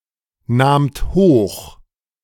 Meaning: second-person plural preterite of hochnehmen
- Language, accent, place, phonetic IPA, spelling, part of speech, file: German, Germany, Berlin, [ˌnaːmt ˈhoːx], nahmt hoch, verb, De-nahmt hoch.ogg